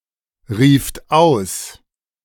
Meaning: second-person plural preterite of ausrufen
- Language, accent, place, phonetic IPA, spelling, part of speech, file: German, Germany, Berlin, [ˌʁiːft ˈaʊ̯s], rieft aus, verb, De-rieft aus.ogg